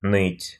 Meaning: 1. to whimper, to whine, to yammer, to snivel, to bellyache, to cry (to complain peevishly) 2. to ache
- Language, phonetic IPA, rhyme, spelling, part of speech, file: Russian, [nɨtʲ], -ɨtʲ, ныть, verb, Ru-ныть.ogg